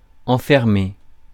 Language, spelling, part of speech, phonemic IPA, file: French, enfermer, verb, /ɑ̃.fɛʁ.me/, Fr-enfermer.ogg
- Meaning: 1. to lock up, lock in, lock away 2. to imprison, entrap 3. to enclose, contain